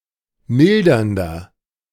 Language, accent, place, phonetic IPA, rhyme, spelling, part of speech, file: German, Germany, Berlin, [ˈmɪldɐndɐ], -ɪldɐndɐ, mildernder, adjective, De-mildernder.ogg
- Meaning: inflection of mildernd: 1. strong/mixed nominative masculine singular 2. strong genitive/dative feminine singular 3. strong genitive plural